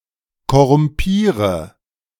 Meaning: inflection of korrumpieren: 1. first-person singular present 2. singular imperative 3. first/third-person singular subjunctive I
- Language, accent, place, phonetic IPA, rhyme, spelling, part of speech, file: German, Germany, Berlin, [kɔʁʊmˈpiːʁə], -iːʁə, korrumpiere, verb, De-korrumpiere.ogg